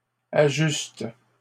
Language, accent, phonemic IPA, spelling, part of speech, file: French, Canada, /a.ʒyst/, ajuste, verb, LL-Q150 (fra)-ajuste.wav
- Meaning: inflection of ajuster: 1. first/third-person singular present indicative/subjunctive 2. second-person singular imperative